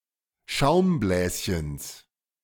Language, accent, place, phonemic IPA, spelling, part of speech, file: German, Germany, Berlin, /ˈʃaʊ̯mˌblɛːsçəns/, Schaumbläschens, noun, De-Schaumbläschens.ogg
- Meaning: genitive singular of Schaumbläschen